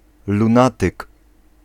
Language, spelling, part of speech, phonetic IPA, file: Polish, lunatyk, noun, [lũˈnatɨk], Pl-lunatyk.ogg